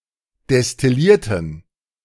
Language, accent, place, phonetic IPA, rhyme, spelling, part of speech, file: German, Germany, Berlin, [dɛstɪˈliːɐ̯tn̩], -iːɐ̯tn̩, destillierten, adjective / verb, De-destillierten.ogg
- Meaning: inflection of destillieren: 1. first/third-person plural preterite 2. first/third-person plural subjunctive II